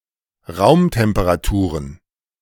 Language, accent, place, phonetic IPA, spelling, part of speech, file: German, Germany, Berlin, [ˈʁaʊ̯mtɛmpəʁaˌtuːʁən], Raumtemperaturen, noun, De-Raumtemperaturen.ogg
- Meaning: plural of Raumtemperatur